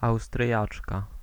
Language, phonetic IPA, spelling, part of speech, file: Polish, [awstrʲˈjat͡ʃka], Austriaczka, noun, Pl-Austriaczka.ogg